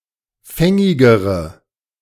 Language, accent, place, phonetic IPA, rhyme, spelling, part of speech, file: German, Germany, Berlin, [ˈfɛŋɪɡəʁə], -ɛŋɪɡəʁə, fängigere, adjective, De-fängigere.ogg
- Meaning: inflection of fängig: 1. strong/mixed nominative/accusative feminine singular comparative degree 2. strong nominative/accusative plural comparative degree